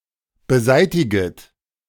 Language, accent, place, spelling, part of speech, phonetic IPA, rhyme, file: German, Germany, Berlin, beseitiget, verb, [bəˈzaɪ̯tɪɡət], -aɪ̯tɪɡət, De-beseitiget.ogg
- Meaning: second-person plural subjunctive I of beseitigen